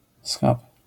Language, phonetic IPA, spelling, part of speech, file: Polish, [sxap], schab, noun, LL-Q809 (pol)-schab.wav